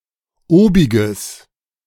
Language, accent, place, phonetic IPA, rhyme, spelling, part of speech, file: German, Germany, Berlin, [ˈoːbɪɡəs], -oːbɪɡəs, obiges, adjective, De-obiges.ogg
- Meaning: strong/mixed nominative/accusative neuter singular of obig